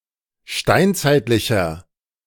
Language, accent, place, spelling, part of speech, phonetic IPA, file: German, Germany, Berlin, steinzeitlicher, adjective, [ˈʃtaɪ̯nt͡saɪ̯tlɪçɐ], De-steinzeitlicher.ogg
- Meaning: inflection of steinzeitlich: 1. strong/mixed nominative masculine singular 2. strong genitive/dative feminine singular 3. strong genitive plural